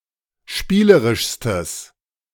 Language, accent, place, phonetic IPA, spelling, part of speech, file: German, Germany, Berlin, [ˈʃpiːləʁɪʃstəs], spielerischstes, adjective, De-spielerischstes.ogg
- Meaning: strong/mixed nominative/accusative neuter singular superlative degree of spielerisch